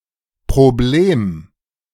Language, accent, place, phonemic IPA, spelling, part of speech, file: German, Germany, Berlin, /pʁoˈbleːm/, Problem, noun, De-Problem.ogg
- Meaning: problem